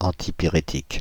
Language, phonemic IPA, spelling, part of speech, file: French, /ɑ̃.ti.pi.ʁe.tik/, antipyrétique, noun, Fr-antipyrétique.ogg
- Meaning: antipyretic (medication that reduces fever)